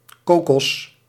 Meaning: 1. the white flesh of the coconut, often in a desiccated form 2. coconut
- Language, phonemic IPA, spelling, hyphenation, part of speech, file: Dutch, /ˈkoː.kɔs/, kokos, ko‧kos, noun, Nl-kokos.ogg